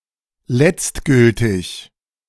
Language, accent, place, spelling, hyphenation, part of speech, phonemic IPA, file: German, Germany, Berlin, letztgültig, letzt‧gül‧tig, adjective, /ˈlɛt͡stˌɡʏltɪç/, De-letztgültig.ogg
- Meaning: final, ultimate, in the end